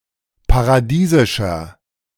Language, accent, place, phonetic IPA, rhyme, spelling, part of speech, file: German, Germany, Berlin, [paʁaˈdiːzɪʃɐ], -iːzɪʃɐ, paradiesischer, adjective, De-paradiesischer.ogg
- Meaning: 1. comparative degree of paradiesisch 2. inflection of paradiesisch: strong/mixed nominative masculine singular 3. inflection of paradiesisch: strong genitive/dative feminine singular